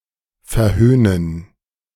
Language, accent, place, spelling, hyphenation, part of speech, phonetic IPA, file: German, Germany, Berlin, verhöhnen, ver‧höh‧nen, verb, [fɛɐ̯ˈhøːnən], De-verhöhnen.ogg
- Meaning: to scoff, to scoff at